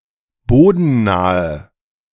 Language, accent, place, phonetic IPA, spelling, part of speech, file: German, Germany, Berlin, [ˈboːdn̩ˌnaːə], bodennahe, adjective, De-bodennahe.ogg
- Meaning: inflection of bodennah: 1. strong/mixed nominative/accusative feminine singular 2. strong nominative/accusative plural 3. weak nominative all-gender singular